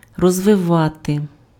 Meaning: to develop, to evolve
- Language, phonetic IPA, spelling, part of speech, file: Ukrainian, [rɔzʋeˈʋate], розвивати, verb, Uk-розвивати.ogg